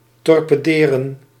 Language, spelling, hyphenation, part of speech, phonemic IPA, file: Dutch, torpederen, tor‧pe‧de‧ren, verb, /tɔr.pəˈdeː.rə(n)/, Nl-torpederen.ogg
- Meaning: 1. to torpedo, to attack with a torpedo 2. to shoot down, to forcefully criticise or attack